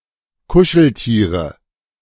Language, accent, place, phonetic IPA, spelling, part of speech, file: German, Germany, Berlin, [ˈkʊʃl̩ˌtiːʁə], Kuscheltiere, noun, De-Kuscheltiere.ogg
- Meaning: nominative/accusative/genitive plural of Kuscheltier